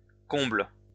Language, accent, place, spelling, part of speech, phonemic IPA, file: French, France, Lyon, combles, noun / adjective, /kɔ̃bl/, LL-Q150 (fra)-combles.wav
- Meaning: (noun) 1. attic 2. plural of comble